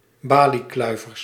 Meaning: plural of baliekluiver
- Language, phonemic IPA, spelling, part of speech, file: Dutch, /ˈbaliˌklœyvərs/, baliekluivers, noun, Nl-baliekluivers.ogg